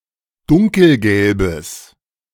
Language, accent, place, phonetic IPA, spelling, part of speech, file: German, Germany, Berlin, [ˈdʊŋkl̩ˌɡɛlbəs], dunkelgelbes, adjective, De-dunkelgelbes.ogg
- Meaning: strong/mixed nominative/accusative neuter singular of dunkelgelb